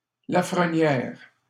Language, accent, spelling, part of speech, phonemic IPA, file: French, Canada, Lafrenière, proper noun, /la.fʁə.njɛʁ/, LL-Q150 (fra)-Lafrenière.wav
- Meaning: a surname